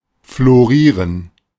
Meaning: to flourish; prosper
- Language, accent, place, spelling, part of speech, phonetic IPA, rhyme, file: German, Germany, Berlin, florieren, verb, [floˈʁiːʁən], -iːʁən, De-florieren.ogg